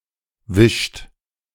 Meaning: inflection of wischen: 1. third-person singular present 2. second-person plural present 3. plural imperative
- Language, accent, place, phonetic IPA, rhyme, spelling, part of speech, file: German, Germany, Berlin, [vɪʃt], -ɪʃt, wischt, verb, De-wischt.ogg